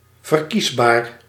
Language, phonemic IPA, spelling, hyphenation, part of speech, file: Dutch, /vərˈkiz.baːr/, verkiesbaar, ver‧kies‧baar, adjective, Nl-verkiesbaar.ogg
- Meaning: electable